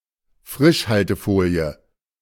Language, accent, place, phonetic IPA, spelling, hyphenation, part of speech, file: German, Germany, Berlin, [ˈfʁɪʃhaltəˌfoːli̯ə], Frischhaltefolie, Frisch‧hal‧te‧fo‧lie, noun, De-Frischhaltefolie.ogg
- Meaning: cling film